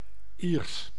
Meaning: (adjective) Irish; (proper noun) Irish (language)
- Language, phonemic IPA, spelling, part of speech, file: Dutch, /iːrs/, Iers, adjective / proper noun, Nl-Iers.ogg